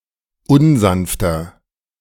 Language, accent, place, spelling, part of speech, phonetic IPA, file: German, Germany, Berlin, unsanfter, adjective, [ˈʊnˌzanftɐ], De-unsanfter.ogg
- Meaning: 1. comparative degree of unsanft 2. inflection of unsanft: strong/mixed nominative masculine singular 3. inflection of unsanft: strong genitive/dative feminine singular